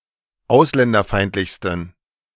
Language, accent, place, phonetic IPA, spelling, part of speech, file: German, Germany, Berlin, [ˈaʊ̯slɛndɐˌfaɪ̯ntlɪçstn̩], ausländerfeindlichsten, adjective, De-ausländerfeindlichsten.ogg
- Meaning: 1. superlative degree of ausländerfeindlich 2. inflection of ausländerfeindlich: strong genitive masculine/neuter singular superlative degree